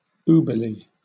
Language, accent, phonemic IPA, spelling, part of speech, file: English, Southern England, /ˈubəɹli/, uberly, adverb, LL-Q1860 (eng)-uberly.wav
- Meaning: Significantly; very, very much; extremely